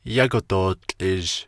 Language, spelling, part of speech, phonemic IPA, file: Navajo, yágo dootłʼizh, noun, /jɑ́kò tòːt͡ɬʼɪ̀ʒ/, Nv-yágo dootłʼizh.ogg
- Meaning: blue, sky blue